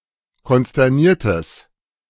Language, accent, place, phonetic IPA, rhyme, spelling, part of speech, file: German, Germany, Berlin, [kɔnstɛʁˈniːɐ̯təs], -iːɐ̯təs, konsterniertes, adjective, De-konsterniertes.ogg
- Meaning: strong/mixed nominative/accusative neuter singular of konsterniert